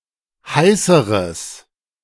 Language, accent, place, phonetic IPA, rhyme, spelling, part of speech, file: German, Germany, Berlin, [ˈhaɪ̯səʁəs], -aɪ̯səʁəs, heißeres, adjective, De-heißeres.ogg
- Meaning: strong/mixed nominative/accusative neuter singular comparative degree of heiß